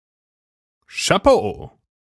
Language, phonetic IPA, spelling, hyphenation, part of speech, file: German, [ʃaˈpoː], Chapeau, Cha‧peau, noun / interjection, De-Chapeau.ogg
- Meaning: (noun) 1. hat 2. hat-wearing man; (interjection) used to express appreciation